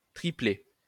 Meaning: triplet, group of three things
- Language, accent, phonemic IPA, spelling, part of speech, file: French, France, /tʁi.plɛ/, triplet, noun, LL-Q150 (fra)-triplet.wav